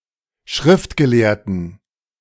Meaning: inflection of Schriftgelehrter: 1. strong genitive/accusative singular 2. strong dative plural 3. weak/mixed nominative plural 4. weak/mixed genitive/dative/accusative singular/plural
- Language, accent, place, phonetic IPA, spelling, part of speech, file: German, Germany, Berlin, [ˈʃʁɪftɡəˌleːɐ̯tn̩], Schriftgelehrten, noun, De-Schriftgelehrten.ogg